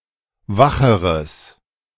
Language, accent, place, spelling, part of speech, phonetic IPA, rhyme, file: German, Germany, Berlin, wacheres, adjective, [ˈvaxəʁəs], -axəʁəs, De-wacheres.ogg
- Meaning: strong/mixed nominative/accusative neuter singular comparative degree of wach